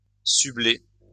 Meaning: to whistle
- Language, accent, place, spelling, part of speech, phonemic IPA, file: French, France, Lyon, subler, verb, /sy.ble/, LL-Q150 (fra)-subler.wav